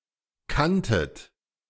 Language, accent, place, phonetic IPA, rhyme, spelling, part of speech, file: German, Germany, Berlin, [ˈkantət], -antət, kanntet, verb, De-kanntet.ogg
- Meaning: second-person plural preterite of kennen